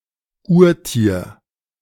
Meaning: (noun) protozoon, protozoan; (proper noun) a river in Aosta Valley, in northwestern Italy
- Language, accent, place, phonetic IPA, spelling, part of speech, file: German, Germany, Berlin, [ˈuːɐ̯ˌtiːɐ̯], Urtier, noun, De-Urtier.ogg